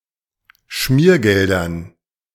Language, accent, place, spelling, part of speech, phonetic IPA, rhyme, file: German, Germany, Berlin, Schmiergeldern, noun, [ˈʃmiːɐ̯ˌɡɛldɐn], -iːɐ̯ɡɛldɐn, De-Schmiergeldern.ogg
- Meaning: dative plural of Schmiergeld